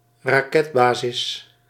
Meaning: rocket base (base with a rocket installation)
- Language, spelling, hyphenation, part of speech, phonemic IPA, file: Dutch, raketbasis, ra‧ket‧ba‧sis, noun, /raːˈkɛtˌbaː.zɪs/, Nl-raketbasis.ogg